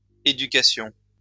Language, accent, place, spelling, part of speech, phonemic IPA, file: French, France, Lyon, éducations, noun, /e.dy.ka.sjɔ̃/, LL-Q150 (fra)-éducations.wav
- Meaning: plural of éducation